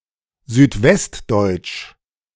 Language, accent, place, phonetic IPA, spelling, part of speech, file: German, Germany, Berlin, [zyːtˈvɛstˌdɔɪ̯t͡ʃ], südwestdeutsch, adjective, De-südwestdeutsch.ogg
- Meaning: southwestern German (of, from or pertaining to southwestern Germany or the people, the culture or the dialects of this region)